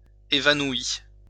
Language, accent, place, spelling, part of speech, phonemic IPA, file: French, France, Lyon, évanoui, verb, /e.va.nwi/, LL-Q150 (fra)-évanoui.wav
- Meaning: past participle of évanouir